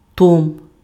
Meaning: tome, volume
- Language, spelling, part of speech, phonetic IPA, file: Ukrainian, том, noun, [tɔm], Uk-том.ogg